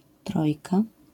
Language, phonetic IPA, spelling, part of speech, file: Polish, [ˈtrɔjka], trojka, noun, LL-Q809 (pol)-trojka.wav